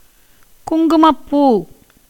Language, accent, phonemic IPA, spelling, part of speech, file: Tamil, India, /kʊŋɡʊmɐpːuː/, குங்குமப்பூ, noun, Ta-குங்குமப்பூ.ogg
- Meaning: saffron (a spice (seasoning) and colouring agent made from the stigma and part of the style of the plant, sometimes or formerly also used as a dye and insect repellent)